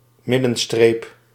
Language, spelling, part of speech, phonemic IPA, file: Dutch, middenstreep, noun, /ˈmɪdə(n).streːp/, Nl-middenstreep.ogg
- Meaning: center line (line separating halves of a road)